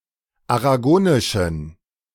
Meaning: inflection of aragonisch: 1. strong genitive masculine/neuter singular 2. weak/mixed genitive/dative all-gender singular 3. strong/weak/mixed accusative masculine singular 4. strong dative plural
- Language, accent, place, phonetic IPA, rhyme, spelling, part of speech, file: German, Germany, Berlin, [aʁaˈɡoːnɪʃn̩], -oːnɪʃn̩, aragonischen, adjective, De-aragonischen.ogg